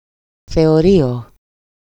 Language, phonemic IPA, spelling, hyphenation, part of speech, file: Greek, /θe.oˈɾi.o/, θεωρείο, θε‧ω‧ρεί‧ο, noun, EL-θεωρείο.ogg
- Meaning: box, loge, gallery at a theatre, concert hall, parliament